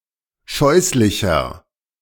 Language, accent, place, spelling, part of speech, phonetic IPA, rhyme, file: German, Germany, Berlin, scheußlicher, adjective, [ˈʃɔɪ̯slɪçɐ], -ɔɪ̯slɪçɐ, De-scheußlicher.ogg
- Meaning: 1. comparative degree of scheußlich 2. inflection of scheußlich: strong/mixed nominative masculine singular 3. inflection of scheußlich: strong genitive/dative feminine singular